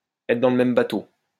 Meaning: to be in the same boat (to be in the same situation or predicament; to have the same problems)
- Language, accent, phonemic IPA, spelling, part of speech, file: French, France, /ɛ.tʁə dɑ̃ l(ə) mɛm ba.to/, être dans le même bateau, verb, LL-Q150 (fra)-être dans le même bateau.wav